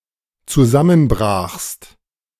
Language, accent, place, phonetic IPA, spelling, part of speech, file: German, Germany, Berlin, [t͡suˈzamənˌbʁaːxst], zusammenbrachst, verb, De-zusammenbrachst.ogg
- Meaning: second-person singular dependent preterite of zusammenbrechen